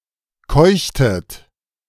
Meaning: inflection of keuchen: 1. second-person plural preterite 2. second-person plural subjunctive II
- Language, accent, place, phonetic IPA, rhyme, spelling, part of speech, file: German, Germany, Berlin, [ˈkɔɪ̯çtət], -ɔɪ̯çtət, keuchtet, verb, De-keuchtet.ogg